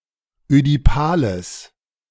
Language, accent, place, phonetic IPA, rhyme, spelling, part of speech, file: German, Germany, Berlin, [ødiˈpaːləs], -aːləs, ödipales, adjective, De-ödipales.ogg
- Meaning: strong/mixed nominative/accusative neuter singular of ödipal